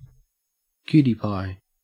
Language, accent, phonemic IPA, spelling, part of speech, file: English, Australia, /ˈkjuːti ˌpaɪ/, cutie pie, noun, En-au-cutie pie.ogg
- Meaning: 1. A cute person, often female 2. A small hand-held radiation meter